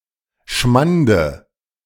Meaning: dative of Schmand
- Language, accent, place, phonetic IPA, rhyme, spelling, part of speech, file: German, Germany, Berlin, [ˈʃmandə], -andə, Schmande, noun, De-Schmande.ogg